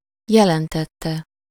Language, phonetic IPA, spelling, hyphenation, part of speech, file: Hungarian, [ˈjɛlɛntɛtːɛ], jelentette, je‧len‧tet‧te, verb, Hu-jelentette.ogg
- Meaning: 1. third-person singular indicative past definite of jelent 2. verbal participle of jelent